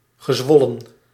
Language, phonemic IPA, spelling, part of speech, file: Dutch, /ɣəˈzwɔlə(n)/, gezwollen, verb / adjective, Nl-gezwollen.ogg
- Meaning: past participle of zwellen